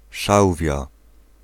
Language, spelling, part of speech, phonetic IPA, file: Polish, szałwia, noun, [ˈʃawvʲja], Pl-szałwia.ogg